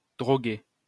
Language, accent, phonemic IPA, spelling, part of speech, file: French, France, /dʁɔ.ɡɛ/, droguet, noun, LL-Q150 (fra)-droguet.wav
- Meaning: drugget